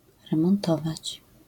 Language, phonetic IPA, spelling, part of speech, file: Polish, [ˌrɛ̃mɔ̃nˈtɔvat͡ɕ], remontować, verb, LL-Q809 (pol)-remontować.wav